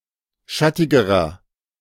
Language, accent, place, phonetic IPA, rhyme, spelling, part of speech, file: German, Germany, Berlin, [ˈʃatɪɡəʁɐ], -atɪɡəʁɐ, schattigerer, adjective, De-schattigerer.ogg
- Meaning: inflection of schattig: 1. strong/mixed nominative masculine singular comparative degree 2. strong genitive/dative feminine singular comparative degree 3. strong genitive plural comparative degree